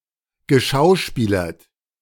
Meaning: past participle of schauspielern
- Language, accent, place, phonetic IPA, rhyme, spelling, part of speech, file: German, Germany, Berlin, [ɡəˈʃaʊ̯ˌʃpiːlɐt], -aʊ̯ʃpiːlɐt, geschauspielert, verb, De-geschauspielert.ogg